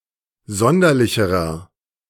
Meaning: inflection of sonderlich: 1. strong/mixed nominative masculine singular comparative degree 2. strong genitive/dative feminine singular comparative degree 3. strong genitive plural comparative degree
- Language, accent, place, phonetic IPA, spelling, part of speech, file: German, Germany, Berlin, [ˈzɔndɐlɪçəʁɐ], sonderlicherer, adjective, De-sonderlicherer.ogg